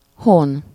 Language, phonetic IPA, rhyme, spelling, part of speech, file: Hungarian, [ˈhon], -on, hon, noun, Hu-hon.ogg
- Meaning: home, homeland, fatherland